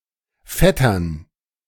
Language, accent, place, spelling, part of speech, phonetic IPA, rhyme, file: German, Germany, Berlin, Vettern, noun, [ˈfɛtɐn], -ɛtɐn, De-Vettern.ogg
- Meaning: plural of Vetter